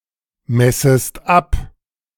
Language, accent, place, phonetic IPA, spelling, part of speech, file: German, Germany, Berlin, [ˌmɛsəst ˈap], messest ab, verb, De-messest ab.ogg
- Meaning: second-person singular subjunctive I of abmessen